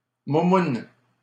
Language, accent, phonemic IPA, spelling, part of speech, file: French, Canada, /mu.mun/, moumoune, adjective, LL-Q150 (fra)-moumoune.wav
- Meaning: cowardly, wimpy